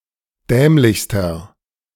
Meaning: inflection of dämlich: 1. strong/mixed nominative masculine singular superlative degree 2. strong genitive/dative feminine singular superlative degree 3. strong genitive plural superlative degree
- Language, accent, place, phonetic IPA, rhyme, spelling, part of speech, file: German, Germany, Berlin, [ˈdɛːmlɪçstɐ], -ɛːmlɪçstɐ, dämlichster, adjective, De-dämlichster.ogg